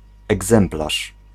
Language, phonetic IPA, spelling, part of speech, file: Polish, [ɛɡˈzɛ̃mplaʃ], egzemplarz, noun, Pl-egzemplarz.ogg